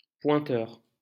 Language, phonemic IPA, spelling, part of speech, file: French, /pwɛ̃.tœʁ/, pointeur, noun, LL-Q150 (fra)-pointeur.wav
- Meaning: 1. One who points a cannon at its target 2. One who maintains a register of people present and absent 3. a pointer 4. a sex offender, especially one showing pedophile behaviour